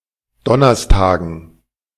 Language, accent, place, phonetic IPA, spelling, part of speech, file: German, Germany, Berlin, [ˈdɔnɐstaːɡn̩], Donnerstagen, noun, De-Donnerstagen.ogg
- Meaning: dative plural of Donnerstag